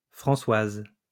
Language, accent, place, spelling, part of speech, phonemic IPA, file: French, France, Lyon, Françoise, proper noun, /fʁɑ̃.swaz/, LL-Q150 (fra)-Françoise.wav
- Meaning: a female given name, equivalent to English Frances